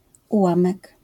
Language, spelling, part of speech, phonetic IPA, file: Polish, ułamek, noun, [uˈwãmɛk], LL-Q809 (pol)-ułamek.wav